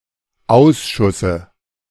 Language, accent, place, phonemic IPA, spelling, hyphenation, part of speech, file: German, Germany, Berlin, /ˈʔaʊ̯sʃʊsə/, Ausschusse, Aus‧schus‧se, noun, De-Ausschusse.ogg
- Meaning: dative singular of Ausschuss